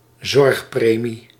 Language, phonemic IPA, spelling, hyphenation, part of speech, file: Dutch, /ˈzɔrxˌpreː.mi/, zorgpremie, zorg‧pre‧mie, noun, Nl-zorgpremie.ogg
- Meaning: health insurance premium